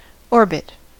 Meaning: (noun) The curved path of one object around a point or another body.: An elliptical movement of an object about a celestial object or Lagrange point, especially a periodic elliptical revolution
- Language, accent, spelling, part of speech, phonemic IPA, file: English, General American, orbit, noun / verb, /ˈɔɹ.bɪt/, En-us-orbit.ogg